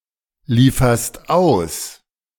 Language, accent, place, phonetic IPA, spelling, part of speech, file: German, Germany, Berlin, [ˌliːfɐst ˈaʊ̯s], lieferst aus, verb, De-lieferst aus.ogg
- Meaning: second-person singular present of ausliefern